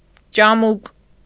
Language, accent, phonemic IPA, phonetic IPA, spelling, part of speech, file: Armenian, Eastern Armenian, /t͡ʃɑˈmuk/, [t͡ʃɑmúk], ճամուկ, noun, Hy-ճամուկ.ogg
- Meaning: decoration, ornament